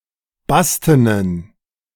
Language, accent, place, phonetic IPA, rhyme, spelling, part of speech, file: German, Germany, Berlin, [ˈbastənən], -astənən, bastenen, adjective, De-bastenen.ogg
- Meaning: inflection of basten: 1. strong genitive masculine/neuter singular 2. weak/mixed genitive/dative all-gender singular 3. strong/weak/mixed accusative masculine singular 4. strong dative plural